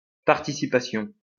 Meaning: participation
- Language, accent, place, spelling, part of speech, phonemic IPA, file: French, France, Lyon, participation, noun, /paʁ.ti.si.pa.sjɔ̃/, LL-Q150 (fra)-participation.wav